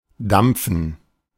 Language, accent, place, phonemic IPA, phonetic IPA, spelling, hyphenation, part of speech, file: German, Germany, Berlin, /ˈdam(p)fən/, [ˈdam(p)fn̩], dampfen, damp‧fen, verb, De-dampfen.ogg
- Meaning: 1. to steam (to produce or vent steam) 2. to steam (to travel by means of steam power) 3. to vape (to inhale the vapor produced by an electronic cigarette)